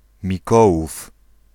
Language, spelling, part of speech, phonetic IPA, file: Polish, Mikołów, proper noun, [mʲiˈkɔwuf], Pl-Mikołów.ogg